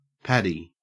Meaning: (proper noun) An Irish nickname for Patrick; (noun) An Irish person
- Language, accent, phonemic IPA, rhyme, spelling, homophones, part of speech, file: English, Australia, /ˈpædi/, -ædi, Paddy, paddy, proper noun / noun, En-au-Paddy.ogg